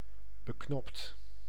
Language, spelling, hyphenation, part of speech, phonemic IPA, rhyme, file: Dutch, beknopt, be‧knopt, adjective, /bəˈknɔpt/, -ɔpt, Nl-beknopt.ogg
- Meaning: concise